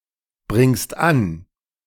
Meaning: second-person singular present of anbringen
- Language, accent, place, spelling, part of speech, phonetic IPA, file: German, Germany, Berlin, bringst an, verb, [ˌbʁɪŋst ˈan], De-bringst an.ogg